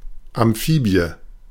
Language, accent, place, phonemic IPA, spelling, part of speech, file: German, Germany, Berlin, /amˈfiːbi̯ə/, Amphibie, noun, De-Amphibie.ogg
- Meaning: amphibian (vertebrate)